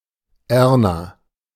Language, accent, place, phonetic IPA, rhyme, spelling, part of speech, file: German, Germany, Berlin, [ˈɛʁna], -ɛʁna, Erna, proper noun, De-Erna.ogg
- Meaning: a female given name